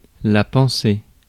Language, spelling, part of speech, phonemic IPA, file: French, pensée, verb / noun, /pɑ̃.se/, Fr-pensée.ogg
- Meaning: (verb) feminine singular of pensé; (noun) 1. a thought (first attested 1176 in Chrétien de Troyes, Cligès, ed. A. Micha, 5246) 2. reflection, meditation, faculty of thinking (late 12th century)